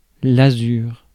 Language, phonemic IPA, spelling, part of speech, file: French, /a.zyʁ/, azur, noun, Fr-azur.ogg
- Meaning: azure (blue color)